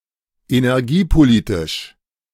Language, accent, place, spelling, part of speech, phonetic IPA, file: German, Germany, Berlin, energiepolitisch, adjective, [enɛʁˈɡiːpoˌliːtɪʃ], De-energiepolitisch.ogg
- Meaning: energy policy